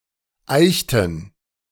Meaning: inflection of eichen: 1. first/third-person plural preterite 2. first/third-person plural subjunctive II
- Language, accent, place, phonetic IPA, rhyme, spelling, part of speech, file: German, Germany, Berlin, [ˈaɪ̯çtn̩], -aɪ̯çtn̩, eichten, verb, De-eichten.ogg